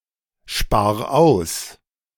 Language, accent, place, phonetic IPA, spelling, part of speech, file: German, Germany, Berlin, [ˌʃpaːɐ̯ ˈaʊ̯s], spar aus, verb, De-spar aus.ogg
- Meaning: 1. singular imperative of aussparen 2. first-person singular present of aussparen